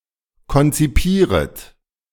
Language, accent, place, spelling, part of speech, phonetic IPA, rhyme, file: German, Germany, Berlin, konzipieret, verb, [kɔnt͡siˈpiːʁət], -iːʁət, De-konzipieret.ogg
- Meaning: second-person plural subjunctive I of konzipieren